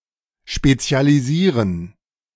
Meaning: to specialize
- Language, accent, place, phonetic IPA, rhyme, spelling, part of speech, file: German, Germany, Berlin, [ˌʃpet͡si̯aliˈziːʁən], -iːʁən, spezialisieren, verb, De-spezialisieren.ogg